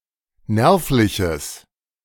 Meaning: strong/mixed nominative/accusative neuter singular of nervlich
- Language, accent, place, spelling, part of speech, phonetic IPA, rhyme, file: German, Germany, Berlin, nervliches, adjective, [ˈnɛʁflɪçəs], -ɛʁflɪçəs, De-nervliches.ogg